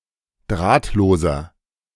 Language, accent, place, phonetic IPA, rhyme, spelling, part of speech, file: German, Germany, Berlin, [ˈdʁaːtloːzɐ], -aːtloːzɐ, drahtloser, adjective, De-drahtloser.ogg
- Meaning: inflection of drahtlos: 1. strong/mixed nominative masculine singular 2. strong genitive/dative feminine singular 3. strong genitive plural